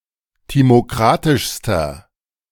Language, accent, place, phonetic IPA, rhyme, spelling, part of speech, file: German, Germany, Berlin, [ˌtimoˈkʁatɪʃstɐ], -atɪʃstɐ, timokratischster, adjective, De-timokratischster.ogg
- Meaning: inflection of timokratisch: 1. strong/mixed nominative masculine singular superlative degree 2. strong genitive/dative feminine singular superlative degree 3. strong genitive plural superlative degree